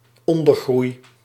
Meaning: undergrowth (relatively short vegetation such as shrubs, when occurring alongside taller vegetation)
- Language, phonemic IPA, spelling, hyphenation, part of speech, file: Dutch, /ˈɔn.dərˌɣrui̯/, ondergroei, on‧der‧groei, noun, Nl-ondergroei.ogg